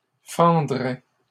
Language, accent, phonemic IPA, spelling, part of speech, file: French, Canada, /fɑ̃.dʁɛ/, fendrait, verb, LL-Q150 (fra)-fendrait.wav
- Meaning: third-person singular conditional of fendre